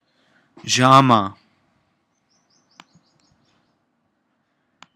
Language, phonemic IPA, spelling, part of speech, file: Pashto, /ʒɑˈma/, ژامه, noun, ژامه.ogg
- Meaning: jaw